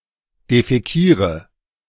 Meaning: inflection of defäkieren: 1. first-person singular present 2. first/third-person singular subjunctive I 3. singular imperative
- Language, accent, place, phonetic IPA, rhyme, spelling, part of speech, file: German, Germany, Berlin, [defɛˈkiːʁə], -iːʁə, defäkiere, verb, De-defäkiere.ogg